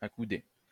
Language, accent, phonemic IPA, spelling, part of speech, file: French, France, /a.ku.de/, accoudé, verb, LL-Q150 (fra)-accoudé.wav
- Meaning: past participle of accouder